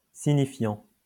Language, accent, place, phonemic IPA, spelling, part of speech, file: French, France, Lyon, /si.ɲi.fjɑ̃/, signifiant, verb / adjective / noun, LL-Q150 (fra)-signifiant.wav
- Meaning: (verb) present participle of signifier; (adjective) signifying; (noun) signifier